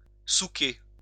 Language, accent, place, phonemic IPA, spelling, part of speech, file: French, France, Lyon, /su.ke/, souquer, verb, LL-Q150 (fra)-souquer.wav
- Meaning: to heave (pull hard on a rope, oars, etc.)